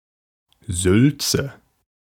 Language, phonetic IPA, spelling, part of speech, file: German, [ˈzʏltsə], Sülze, noun, De-Sülze.ogg
- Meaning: 1. food, usually meat or fish, in aspic 2. aspic 3. lengthy, meaningless talk 4. head cheese, brawn